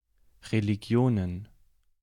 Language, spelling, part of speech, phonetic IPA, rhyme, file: German, Religionen, noun, [ʁeliˈɡi̯oːnən], -oːnən, De-Religionen.ogg
- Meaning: plural of Religion